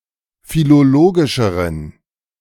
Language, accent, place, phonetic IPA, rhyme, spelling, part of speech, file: German, Germany, Berlin, [filoˈloːɡɪʃəʁən], -oːɡɪʃəʁən, philologischeren, adjective, De-philologischeren.ogg
- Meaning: inflection of philologisch: 1. strong genitive masculine/neuter singular comparative degree 2. weak/mixed genitive/dative all-gender singular comparative degree